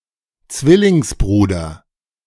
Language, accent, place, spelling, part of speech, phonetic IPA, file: German, Germany, Berlin, Zwillingsbruder, noun, [ˈt͡svɪlɪŋsˌbʁuːdɐ], De-Zwillingsbruder.ogg
- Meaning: twin brother